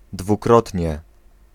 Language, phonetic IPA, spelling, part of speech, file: Polish, [dvuˈkrɔtʲɲɛ], dwukrotnie, adverb, Pl-dwukrotnie.ogg